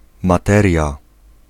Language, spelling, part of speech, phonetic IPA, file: Polish, materia, noun, [maˈtɛrʲja], Pl-materia.ogg